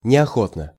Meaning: unwillingly (in an unwilling manner)
- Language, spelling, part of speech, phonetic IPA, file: Russian, неохотно, adverb, [nʲɪɐˈxotnə], Ru-неохотно.ogg